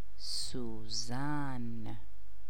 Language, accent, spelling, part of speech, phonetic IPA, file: Persian, Iran, سوزن, noun, [suː.zæn], Fa-سوزن.ogg
- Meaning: needle